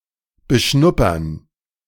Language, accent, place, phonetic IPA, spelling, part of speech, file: German, Germany, Berlin, [bəˈʃnʊpɐn], beschnuppern, verb, De-beschnuppern.ogg
- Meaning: to sniff, to examine by smell